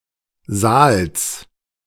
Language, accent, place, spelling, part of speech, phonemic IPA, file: German, Germany, Berlin, Saals, noun, /zaːls/, De-Saals.ogg
- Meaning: genitive singular of Saal